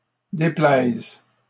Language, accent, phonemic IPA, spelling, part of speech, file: French, Canada, /de.plɛz/, déplaises, verb, LL-Q150 (fra)-déplaises.wav
- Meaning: second-person singular present subjunctive of déplaire